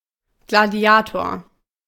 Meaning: gladiator (male or of unspecified gender)
- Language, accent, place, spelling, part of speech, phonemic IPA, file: German, Germany, Berlin, Gladiator, noun, /ɡlaˈdi̯aːtoːɐ̯/, De-Gladiator.ogg